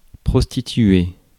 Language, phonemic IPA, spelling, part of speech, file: French, /pʁɔs.ti.tɥe/, prostituer, verb, Fr-prostituer.ogg
- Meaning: to prostitute oneself